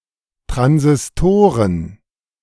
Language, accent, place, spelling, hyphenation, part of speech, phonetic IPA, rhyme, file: German, Germany, Berlin, Transistoren, Tran‧sis‧to‧ren, noun, [ˌtʁanzɪsˈtoːʁən], -oːʁən, De-Transistoren.ogg
- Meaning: plural of Transistor